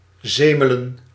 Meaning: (verb) to whine, to blather, to moan, to complain; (noun) plural of zemel
- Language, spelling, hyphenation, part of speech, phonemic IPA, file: Dutch, zemelen, ze‧me‧len, verb / noun, /ˈzeː.mə.lə(n)/, Nl-zemelen.ogg